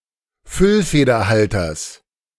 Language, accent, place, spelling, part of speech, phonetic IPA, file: German, Germany, Berlin, Füllfederhalters, noun, [ˈfʏlfeːdɐˌhaltɐs], De-Füllfederhalters.ogg
- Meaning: genitive singular of Füllfederhalter